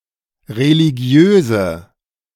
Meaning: inflection of religiös: 1. strong/mixed nominative/accusative feminine singular 2. strong nominative/accusative plural 3. weak nominative all-gender singular
- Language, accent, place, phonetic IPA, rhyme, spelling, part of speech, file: German, Germany, Berlin, [ʁeliˈɡi̯øːzə], -øːzə, religiöse, adjective, De-religiöse.ogg